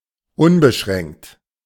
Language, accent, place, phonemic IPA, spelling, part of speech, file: German, Germany, Berlin, /ˈʊnbəˌʃʁɛŋkt/, unbeschränkt, adjective, De-unbeschränkt.ogg
- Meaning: unlimited, unrestricted, unbounded